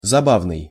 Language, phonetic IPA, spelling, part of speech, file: Russian, [zɐˈbavnɨj], забавный, adjective, Ru-забавный.ogg
- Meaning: amusing, funny